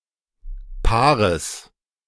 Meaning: genitive singular of Paar
- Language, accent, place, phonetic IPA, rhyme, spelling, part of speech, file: German, Germany, Berlin, [ˈpaːʁəs], -aːʁəs, Paares, noun, De-Paares.ogg